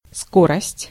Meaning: 1. speed 2. rate 3. velocity
- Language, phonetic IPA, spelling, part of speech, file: Russian, [ˈskorəsʲtʲ], скорость, noun, Ru-скорость.ogg